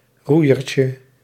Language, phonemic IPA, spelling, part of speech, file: Dutch, /ˈrujərcə/, roeiertje, noun, Nl-roeiertje.ogg
- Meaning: diminutive of roeier